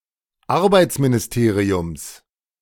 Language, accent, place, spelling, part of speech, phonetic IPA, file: German, Germany, Berlin, Arbeitsministeriums, noun, [ˈaʁbaɪ̯t͡sminɪsˌteːʁiʊms], De-Arbeitsministeriums.ogg
- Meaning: genitive of Arbeitsministerium